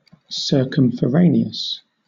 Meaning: 1. Wandering from place to place or market to market 2. Indirect, roundabout, or unnecessarily complex
- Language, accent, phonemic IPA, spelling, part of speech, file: English, Southern England, /sɜːkəmfəˈɹeɪnɪəs/, circumforaneous, adjective, LL-Q1860 (eng)-circumforaneous.wav